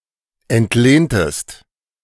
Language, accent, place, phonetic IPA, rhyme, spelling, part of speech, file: German, Germany, Berlin, [ɛntˈleːntəst], -eːntəst, entlehntest, verb, De-entlehntest.ogg
- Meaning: inflection of entlehnen: 1. second-person singular preterite 2. second-person singular subjunctive II